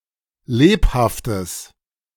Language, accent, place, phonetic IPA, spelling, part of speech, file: German, Germany, Berlin, [ˈleːphaftəs], lebhaftes, adjective, De-lebhaftes.ogg
- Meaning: strong/mixed nominative/accusative neuter singular of lebhaft